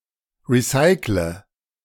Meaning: inflection of recyceln: 1. first-person singular present 2. first/third-person singular subjunctive I 3. singular imperative
- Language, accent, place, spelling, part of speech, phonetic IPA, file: German, Germany, Berlin, recycle, verb, [ˌʁiˈsaɪ̯klə], De-recycle.ogg